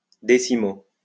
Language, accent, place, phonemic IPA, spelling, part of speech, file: French, France, Lyon, /de.si.mo/, 10o, adverb, LL-Q150 (fra)-10o.wav
- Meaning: 10th (abbreviation of decimo)